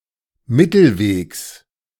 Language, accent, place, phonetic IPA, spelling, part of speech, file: German, Germany, Berlin, [ˈmɪtl̩ˌveːks], Mittelwegs, noun, De-Mittelwegs.ogg
- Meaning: genitive singular of Mittelweg